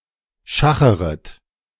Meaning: second-person plural subjunctive I of schachern
- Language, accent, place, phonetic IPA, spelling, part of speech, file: German, Germany, Berlin, [ˈʃaxəʁət], schacheret, verb, De-schacheret.ogg